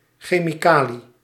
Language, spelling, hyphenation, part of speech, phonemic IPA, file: Dutch, chemicalie, che‧mi‧ca‧lie, noun, /xeːmiˈkaː.li/, Nl-chemicalie.ogg
- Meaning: chemical